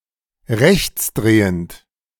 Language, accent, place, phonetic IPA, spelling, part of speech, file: German, Germany, Berlin, [ˈʁɛçt͡sˌdʁeːənt], rechtsdrehend, adjective, De-rechtsdrehend.ogg
- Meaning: dextrorotatory